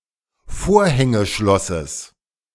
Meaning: genitive singular of Vorhängeschloss
- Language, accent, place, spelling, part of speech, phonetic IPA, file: German, Germany, Berlin, Vorhängeschlosses, noun, [ˈfoːɐ̯hɛŋəˌʃlɔsəs], De-Vorhängeschlosses.ogg